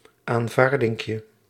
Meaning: diminutive of aanvaarding
- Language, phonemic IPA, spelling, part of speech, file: Dutch, /aɱˈvardɪŋkjə/, aanvaardinkje, noun, Nl-aanvaardinkje.ogg